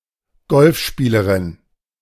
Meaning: female golfer
- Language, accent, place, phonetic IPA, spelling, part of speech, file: German, Germany, Berlin, [ˈɡɔlfˌʃpiːləʁɪn], Golfspielerin, noun, De-Golfspielerin.ogg